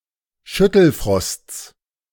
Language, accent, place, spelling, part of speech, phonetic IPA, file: German, Germany, Berlin, Schüttelfrosts, noun, [ˈʃʏtl̩ˌfʁɔst͡s], De-Schüttelfrosts.ogg
- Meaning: genitive singular of Schüttelfrost